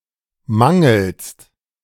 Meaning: second-person singular present of mangeln
- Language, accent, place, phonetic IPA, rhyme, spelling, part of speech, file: German, Germany, Berlin, [ˈmaŋl̩st], -aŋl̩st, mangelst, verb, De-mangelst.ogg